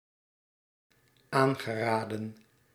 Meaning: past participle of aanraden
- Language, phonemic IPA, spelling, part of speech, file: Dutch, /ˈaŋɣəˌradə(n)/, aangeraden, verb, Nl-aangeraden.ogg